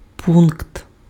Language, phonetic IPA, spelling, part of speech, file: Ukrainian, [punkt], пункт, noun, Uk-пункт.ogg
- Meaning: 1. point 2. spot 3. station, post 4. article, clause